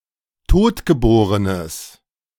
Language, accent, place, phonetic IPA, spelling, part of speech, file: German, Germany, Berlin, [ˈtoːtɡəˌboːʁənəs], totgeborenes, adjective, De-totgeborenes.ogg
- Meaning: strong/mixed nominative/accusative neuter singular of totgeboren